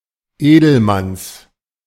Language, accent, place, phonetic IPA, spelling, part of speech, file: German, Germany, Berlin, [ˈeːdl̩ˌmans], Edelmanns, noun, De-Edelmanns.ogg
- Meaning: genitive singular of Edelmann